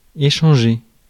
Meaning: to exchange, to swap
- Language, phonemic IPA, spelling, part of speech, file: French, /e.ʃɑ̃.ʒe/, échanger, verb, Fr-échanger.ogg